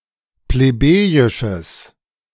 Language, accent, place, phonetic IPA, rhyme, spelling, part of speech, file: German, Germany, Berlin, [pleˈbeːjɪʃəs], -eːjɪʃəs, plebejisches, adjective, De-plebejisches.ogg
- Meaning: strong/mixed nominative/accusative neuter singular of plebejisch